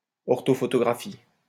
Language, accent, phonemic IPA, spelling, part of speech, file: French, France, /ɔʁ.tɔ.fɔ.tɔ.ɡʁa.fi/, orthophotographie, noun, LL-Q150 (fra)-orthophotographie.wav
- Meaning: 1. orthophoto, orthophotograph 2. orthophotography